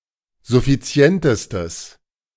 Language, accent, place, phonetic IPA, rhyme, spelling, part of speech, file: German, Germany, Berlin, [zʊfiˈt͡si̯ɛntəstəs], -ɛntəstəs, suffizientestes, adjective, De-suffizientestes.ogg
- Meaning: strong/mixed nominative/accusative neuter singular superlative degree of suffizient